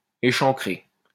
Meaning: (verb) past participle of échancrer; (adjective) 1. indented (coastline etc) 2. low-cut, revealing (neckline etc)
- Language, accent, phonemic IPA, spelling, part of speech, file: French, France, /e.ʃɑ̃.kʁe/, échancré, verb / adjective, LL-Q150 (fra)-échancré.wav